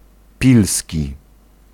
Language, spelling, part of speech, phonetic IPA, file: Polish, pilski, adjective, [ˈpʲilsʲci], Pl-pilski.ogg